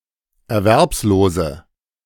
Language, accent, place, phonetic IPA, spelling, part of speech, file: German, Germany, Berlin, [ɛɐ̯ˈvɛʁpsˌloːzə], erwerbslose, adjective, De-erwerbslose.ogg
- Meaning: inflection of erwerbslos: 1. strong/mixed nominative/accusative feminine singular 2. strong nominative/accusative plural 3. weak nominative all-gender singular